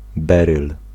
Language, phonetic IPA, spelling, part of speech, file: Polish, [ˈbɛrɨl], beryl, noun, Pl-beryl.ogg